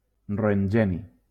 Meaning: roentgenium
- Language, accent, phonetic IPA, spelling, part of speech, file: Catalan, Valencia, [ro.eŋˈɡɛ.ni], roentgeni, noun, LL-Q7026 (cat)-roentgeni.wav